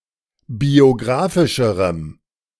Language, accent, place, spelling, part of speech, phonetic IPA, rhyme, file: German, Germany, Berlin, biographischerem, adjective, [bioˈɡʁaːfɪʃəʁəm], -aːfɪʃəʁəm, De-biographischerem.ogg
- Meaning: strong dative masculine/neuter singular comparative degree of biographisch